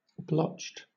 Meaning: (adjective) Covered in blotches (“uneven patches of colour or discolouration”); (verb) simple past and past participle of blotch
- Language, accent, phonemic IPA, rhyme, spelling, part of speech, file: English, Southern England, /blɒtʃt/, -ɒtʃt, blotched, adjective / verb, LL-Q1860 (eng)-blotched.wav